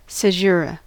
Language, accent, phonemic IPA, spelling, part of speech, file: English, US, /səˈʒʊɹə/, caesura, noun, En-us-caesura.ogg
- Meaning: 1. A pause or interruption in a poem, music, building, or other work of art 2. Using two words to divide a metrical foot 3. The caesura mark ‖ or ||